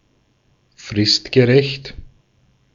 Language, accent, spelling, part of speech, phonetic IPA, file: German, Austria, fristgerecht, adjective, [ˈfʁɪstɡəˌʁɛçt], De-at-fristgerecht.ogg
- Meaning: timely